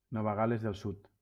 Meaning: New South Wales (a state of Australia, located in the southeastern part of the continent; a former British colony from 1788 to 1901)
- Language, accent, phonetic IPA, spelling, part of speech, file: Catalan, Valencia, [ˈnɔ.va ˈɣal.lez ðel ˈsut], Nova Gal·les del Sud, proper noun, LL-Q7026 (cat)-Nova Gal·les del Sud.wav